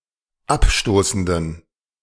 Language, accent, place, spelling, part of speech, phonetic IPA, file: German, Germany, Berlin, abstoßenden, adjective, [ˈapˌʃtoːsn̩dən], De-abstoßenden.ogg
- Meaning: inflection of abstoßend: 1. strong genitive masculine/neuter singular 2. weak/mixed genitive/dative all-gender singular 3. strong/weak/mixed accusative masculine singular 4. strong dative plural